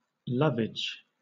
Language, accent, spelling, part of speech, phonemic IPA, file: English, Southern England, lovage, noun, /ˈlʌvɪd͡ʒ/, LL-Q1860 (eng)-lovage.wav
- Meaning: 1. A perennial Mediterranean herb, of species Levisticum officinale, with odor and flavor resembling celery 2. A liquor made from this herb